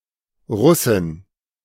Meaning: a female Russian
- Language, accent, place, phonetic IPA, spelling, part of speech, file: German, Germany, Berlin, [ˈʁʊsɪn], Russin, noun, De-Russin.ogg